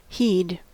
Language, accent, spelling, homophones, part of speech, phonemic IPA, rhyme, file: English, US, he'd, heed, contraction, /hiːd/, -iːd, En-us-he'd.ogg
- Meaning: 1. Contraction of he + had 2. Contraction of he + would